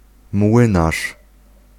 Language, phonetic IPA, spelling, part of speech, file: Polish, [ˈmwɨ̃naʃ], młynarz, noun, Pl-młynarz.ogg